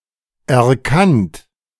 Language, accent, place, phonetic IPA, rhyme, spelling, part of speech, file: German, Germany, Berlin, [ɛɐ̯ˈkant], -ant, erkannt, verb, De-erkannt.ogg
- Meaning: past participle of erkennen